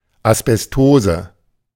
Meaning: asbestosis
- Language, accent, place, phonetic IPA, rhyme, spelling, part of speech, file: German, Germany, Berlin, [asbɛsˈtoːzə], -oːzə, Asbestose, noun, De-Asbestose.ogg